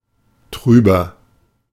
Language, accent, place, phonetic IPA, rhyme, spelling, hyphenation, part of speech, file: German, Germany, Berlin, [ˈtʁyːbɐ], -yːbɐ, trüber, trü‧ber, adjective, De-trüber.ogg
- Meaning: inflection of trüb: 1. strong/mixed nominative masculine singular 2. strong genitive/dative feminine singular 3. strong genitive plural